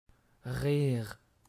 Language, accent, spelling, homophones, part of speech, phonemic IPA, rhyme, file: French, Canada, rire, rires, verb / noun, /ʁiʁ/, -iʁ, Qc-rire.ogg
- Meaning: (verb) to laugh; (noun) laugh